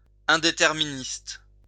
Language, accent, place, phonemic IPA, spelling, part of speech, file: French, France, Lyon, /ɛ̃.de.tɛʁ.mi.nist/, indéterministe, noun, LL-Q150 (fra)-indéterministe.wav
- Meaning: indeterminist